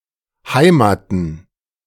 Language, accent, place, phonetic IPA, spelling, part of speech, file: German, Germany, Berlin, [ˈhaɪ̯maːtn̩], Heimaten, noun, De-Heimaten.ogg
- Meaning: plural of Heimat